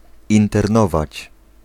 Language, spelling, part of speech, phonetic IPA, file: Polish, internować, verb, [ˌĩntɛrˈnɔvat͡ɕ], Pl-internować.ogg